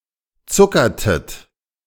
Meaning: inflection of zuckern: 1. second-person plural preterite 2. second-person plural subjunctive II
- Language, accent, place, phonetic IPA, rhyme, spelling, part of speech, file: German, Germany, Berlin, [ˈt͡sʊkɐtət], -ʊkɐtət, zuckertet, verb, De-zuckertet.ogg